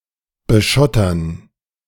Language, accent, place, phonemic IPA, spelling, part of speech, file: German, Germany, Berlin, /bəˈʃɔtɐn/, beschottern, verb, De-beschottern.ogg
- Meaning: to gravel, to ballast